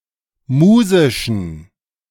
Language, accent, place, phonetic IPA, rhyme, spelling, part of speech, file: German, Germany, Berlin, [ˈmuːzɪʃn̩], -uːzɪʃn̩, musischen, adjective, De-musischen.ogg
- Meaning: inflection of musisch: 1. strong genitive masculine/neuter singular 2. weak/mixed genitive/dative all-gender singular 3. strong/weak/mixed accusative masculine singular 4. strong dative plural